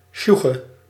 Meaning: 1. comprehension, understanding 2. reaction, response
- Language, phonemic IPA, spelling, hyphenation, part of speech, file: Dutch, /ˈʃu.xə/, sjoege, sjoe‧ge, noun, Nl-sjoege.ogg